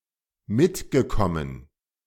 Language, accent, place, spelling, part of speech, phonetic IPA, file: German, Germany, Berlin, mitgekommen, verb, [ˈmɪtɡəˌkɔmən], De-mitgekommen.ogg
- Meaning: past participle of mitkommen